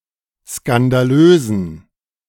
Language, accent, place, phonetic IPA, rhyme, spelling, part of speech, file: German, Germany, Berlin, [skandaˈløːzn̩], -øːzn̩, skandalösen, adjective, De-skandalösen.ogg
- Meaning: inflection of skandalös: 1. strong genitive masculine/neuter singular 2. weak/mixed genitive/dative all-gender singular 3. strong/weak/mixed accusative masculine singular 4. strong dative plural